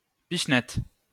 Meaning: flick (act of striking with a finger)
- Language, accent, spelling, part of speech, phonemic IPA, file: French, France, pichenette, noun, /piʃ.nɛt/, LL-Q150 (fra)-pichenette.wav